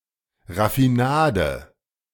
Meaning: refined sugar
- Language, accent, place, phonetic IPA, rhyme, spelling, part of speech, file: German, Germany, Berlin, [ʁafiˈnaːdə], -aːdə, Raffinade, noun, De-Raffinade.ogg